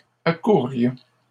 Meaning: first-person plural conditional of accourir
- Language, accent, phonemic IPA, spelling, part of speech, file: French, Canada, /a.kuʁ.ʁjɔ̃/, accourrions, verb, LL-Q150 (fra)-accourrions.wav